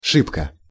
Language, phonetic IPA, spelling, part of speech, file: Russian, [ˈʂɨpkə], шибко, adverb, Ru-шибко.ogg
- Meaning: 1. fast, quickly 2. hard, much